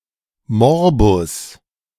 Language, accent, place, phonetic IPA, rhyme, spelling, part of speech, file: German, Germany, Berlin, [ˈmɔʁbʊs], -ɔʁbʊs, Morbus, noun, De-Morbus.ogg
- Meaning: disease